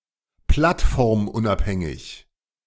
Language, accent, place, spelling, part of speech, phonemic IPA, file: German, Germany, Berlin, plattformunabhängig, adjective, /ˌplatˈfɔʁmʊnʔapˌhɛŋɪç/, De-plattformunabhängig.ogg
- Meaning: platform-independent